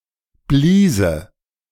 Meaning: first/third-person singular subjunctive II of blasen
- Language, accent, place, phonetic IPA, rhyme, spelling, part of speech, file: German, Germany, Berlin, [ˈbliːzə], -iːzə, bliese, verb, De-bliese.ogg